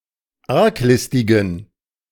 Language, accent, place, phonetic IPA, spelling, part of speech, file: German, Germany, Berlin, [ˈaʁkˌlɪstɪɡn̩], arglistigen, adjective, De-arglistigen.ogg
- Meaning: inflection of arglistig: 1. strong genitive masculine/neuter singular 2. weak/mixed genitive/dative all-gender singular 3. strong/weak/mixed accusative masculine singular 4. strong dative plural